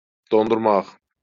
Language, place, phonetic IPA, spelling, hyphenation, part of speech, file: Azerbaijani, Baku, [dondurˈmɑχ], dondurmaq, don‧dur‧maq, verb, LL-Q9292 (aze)-dondurmaq.wav
- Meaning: to cause to freeze